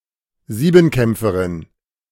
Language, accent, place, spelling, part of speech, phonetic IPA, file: German, Germany, Berlin, Siebenkämpferin, noun, [ˈziːbm̩ˌkɛmp͡fəʁɪn], De-Siebenkämpferin.ogg
- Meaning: female equivalent of Siebenkämpfer (“heptathlete”)